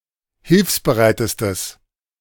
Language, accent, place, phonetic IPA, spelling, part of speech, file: German, Germany, Berlin, [ˈhɪlfsbəˌʁaɪ̯təstəs], hilfsbereitestes, adjective, De-hilfsbereitestes.ogg
- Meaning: strong/mixed nominative/accusative neuter singular superlative degree of hilfsbereit